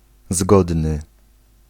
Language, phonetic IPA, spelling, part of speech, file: Polish, [ˈzɡɔdnɨ], zgodny, adjective, Pl-zgodny.ogg